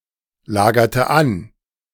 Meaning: inflection of anlagern: 1. first/third-person singular preterite 2. first/third-person singular subjunctive II
- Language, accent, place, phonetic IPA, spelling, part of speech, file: German, Germany, Berlin, [ˌlaːɡɐtə ˈan], lagerte an, verb, De-lagerte an.ogg